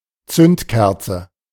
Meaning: 1. spark plug (device that forms a high-voltage spark for fuel ignition) 2. a kind of spiritous beverage in small bottles of the shape of spark plugs
- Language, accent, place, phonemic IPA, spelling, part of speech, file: German, Germany, Berlin, /ˈtsʏntˌkɛʁtsə/, Zündkerze, noun, De-Zündkerze.ogg